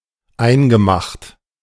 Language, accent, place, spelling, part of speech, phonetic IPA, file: German, Germany, Berlin, eingemacht, verb, [ˈaɪ̯nɡəˌmaxt], De-eingemacht.ogg
- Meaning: past participle of einmachen